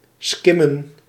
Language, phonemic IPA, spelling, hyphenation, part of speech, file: Dutch, /ˈskɪ.mə(n)/, skimmen, skim‧men, verb, Nl-skimmen.ogg
- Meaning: 1. to skim, to read quickly and superficially 2. to skim, to surreptitiously and fraudently scan a payment card